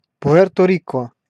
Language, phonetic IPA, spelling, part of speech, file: Russian, [pʊˈɛrtə ˈrʲikə], Пуэрто-Рико, proper noun, Ru-Пуэрто-Рико.ogg
- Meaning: Puerto Rico (a commonwealth, island and dependent territory of the United States in the Caribbean)